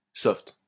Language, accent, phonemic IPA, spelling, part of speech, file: French, France, /sɔft/, soft, noun / adjective, LL-Q150 (fra)-soft.wav
- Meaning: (noun) 1. soft porn 2. software 3. a piece of software; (adjective) softcore (pornography)